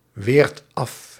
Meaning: inflection of afweren: 1. second/third-person singular present indicative 2. plural imperative
- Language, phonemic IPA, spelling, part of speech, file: Dutch, /ˈwert ˈɑf/, weert af, verb, Nl-weert af.ogg